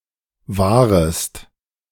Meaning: second-person singular subjunctive I of wahren
- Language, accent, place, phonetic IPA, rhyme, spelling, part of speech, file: German, Germany, Berlin, [ˈvaːʁəst], -aːʁəst, wahrest, verb, De-wahrest.ogg